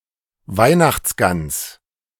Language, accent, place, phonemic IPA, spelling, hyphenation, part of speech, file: German, Germany, Berlin, /ˈvaɪ̯naxt͡sˌɡans/, Weihnachtsgans, Weih‧nachts‧gans, noun, De-Weihnachtsgans.ogg
- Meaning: Christmas goose (roasted goose traditionally eaten at Christmas)